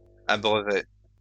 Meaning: first-person singular future of abreuver
- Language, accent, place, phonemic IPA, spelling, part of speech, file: French, France, Lyon, /a.bʁœ.vʁe/, abreuverai, verb, LL-Q150 (fra)-abreuverai.wav